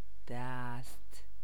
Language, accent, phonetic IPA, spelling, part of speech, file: Persian, Iran, [d̪æst̪ʰ], دست, classifier / noun, Fa-دست.ogg
- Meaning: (classifier) classifier for a set or suite of objects; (noun) 1. hand 2. arm 3. hand (side; part, camp; direction, either right or left)